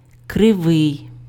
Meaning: curved, crooked
- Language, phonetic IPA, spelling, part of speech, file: Ukrainian, [kreˈʋɪi̯], кривий, adjective, Uk-кривий.ogg